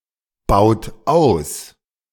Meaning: inflection of ausbauen: 1. third-person singular present 2. second-person plural present 3. plural imperative
- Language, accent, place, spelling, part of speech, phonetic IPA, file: German, Germany, Berlin, baut aus, verb, [ˌbaʊ̯t ˈaʊ̯s], De-baut aus.ogg